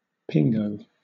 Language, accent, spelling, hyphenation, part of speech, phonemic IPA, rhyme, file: English, Southern England, pingo, pin‧go, noun, /ˈpɪŋɡəʊ/, -ɪŋɡəʊ, LL-Q1860 (eng)-pingo.wav
- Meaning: 1. A conical mound of earth with an ice core caused by permafrost uplift, particularly if lasting more than a year 2. A flexible pole supported on one shoulder, with a load suspended from each end